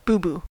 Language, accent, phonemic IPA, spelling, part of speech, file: English, US, /ˈbu(ˌ)bu/, boo-boo, noun / verb, En-us-boo-boo.ogg
- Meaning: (noun) 1. A mistake or error 2. A minor injury, such as a cut or a bruise 3. Feces; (verb) 1. To make a mistake 2. To defecate